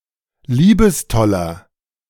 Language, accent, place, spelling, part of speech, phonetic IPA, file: German, Germany, Berlin, liebestoller, adjective, [ˈliːbəsˌtɔlɐ], De-liebestoller.ogg
- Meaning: 1. comparative degree of liebestoll 2. inflection of liebestoll: strong/mixed nominative masculine singular 3. inflection of liebestoll: strong genitive/dative feminine singular